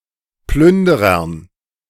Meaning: dative plural of Plünderer
- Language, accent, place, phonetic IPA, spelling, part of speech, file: German, Germany, Berlin, [ˈplʏndəʁɐn], Plünderern, noun, De-Plünderern.ogg